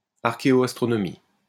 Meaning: archaeoastronomy
- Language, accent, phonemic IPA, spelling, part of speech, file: French, France, /aʁ.ke.o.as.tʁɔ.nɔ.mi/, archéoastronomie, noun, LL-Q150 (fra)-archéoastronomie.wav